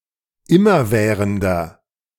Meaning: inflection of immerwährend: 1. strong/mixed nominative masculine singular 2. strong genitive/dative feminine singular 3. strong genitive plural
- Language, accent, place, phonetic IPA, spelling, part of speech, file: German, Germany, Berlin, [ˈɪmɐˌvɛːʁəndɐ], immerwährender, adjective, De-immerwährender.ogg